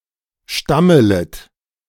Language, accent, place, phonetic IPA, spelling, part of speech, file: German, Germany, Berlin, [ˈʃtamələt], stammelet, verb, De-stammelet.ogg
- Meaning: second-person plural subjunctive I of stammeln